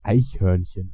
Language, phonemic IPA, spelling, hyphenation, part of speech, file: German, /ˈaɪ̯çˌhœʁnçən/, Eichhörnchen, Eich‧hörn‧chen, noun, De-Eichhörnchen.ogg
- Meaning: squirrel (in the narrow sense, Sciurus vulgaris)